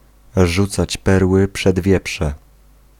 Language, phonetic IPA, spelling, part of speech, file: Polish, [ˈʒut͡sat͡ɕ ˈpɛrwɨ pʃɛd‿ˈvʲjɛpʃɛ], rzucać perły przed wieprze, phrase, Pl-rzucać perły przed wieprze.ogg